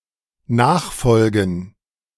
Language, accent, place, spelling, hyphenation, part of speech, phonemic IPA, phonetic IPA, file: German, Germany, Berlin, nachfolgen, nach‧fol‧gen, verb, /ˈnaːχˌfɔlɡən/, [ˈnaːχˌfɔlɡŋ], De-nachfolgen.ogg
- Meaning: to follow after, to succeed